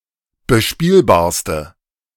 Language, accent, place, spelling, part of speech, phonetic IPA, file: German, Germany, Berlin, bespielbarste, adjective, [bəˈʃpiːlbaːɐ̯stə], De-bespielbarste.ogg
- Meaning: inflection of bespielbar: 1. strong/mixed nominative/accusative feminine singular superlative degree 2. strong nominative/accusative plural superlative degree